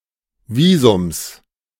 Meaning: genitive singular of Visum
- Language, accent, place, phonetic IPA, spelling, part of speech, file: German, Germany, Berlin, [ˈviːzʊms], Visums, noun, De-Visums.ogg